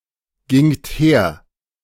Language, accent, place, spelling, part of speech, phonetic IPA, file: German, Germany, Berlin, gingt her, verb, [ˌɡɪŋt ˈheːɐ̯], De-gingt her.ogg
- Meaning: second-person plural preterite of hergehen